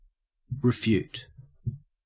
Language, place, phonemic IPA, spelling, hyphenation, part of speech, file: English, Queensland, /ɹɪˈfjʉːt/, refute, re‧fute, verb, En-au-refute.ogg
- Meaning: 1. To prove (something) to be false or incorrect 2. To deny the truth or correctness of (something); to reject or disagree with an accusation